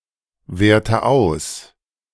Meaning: inflection of auswerten: 1. first-person singular present 2. first/third-person singular subjunctive I 3. singular imperative
- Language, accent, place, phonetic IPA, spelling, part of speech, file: German, Germany, Berlin, [ˌveːɐ̯tə ˈaʊ̯s], werte aus, verb, De-werte aus.ogg